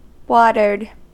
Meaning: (verb) simple past and past participle of water; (adjective) 1. Supplied with water 2. Marked with wavy lines like those made by water
- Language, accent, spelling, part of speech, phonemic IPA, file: English, US, watered, verb / adjective, /ˈwɔːtə(ɹ)d/, En-us-watered.ogg